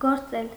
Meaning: 1. to function, work, operate; to act 2. to knit
- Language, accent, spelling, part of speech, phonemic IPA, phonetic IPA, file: Armenian, Eastern Armenian, գործել, verb, /ɡoɾˈt͡sel/, [ɡoɾt͡sél], Hy-գործել.ogg